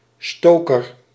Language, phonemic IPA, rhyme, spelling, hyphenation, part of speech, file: Dutch, /ˈstoː.kər/, -oːkər, stoker, sto‧ker, noun, Nl-stoker.ogg
- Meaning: 1. stoker, one who stokes fuel 2. agitator, one who sows division or discord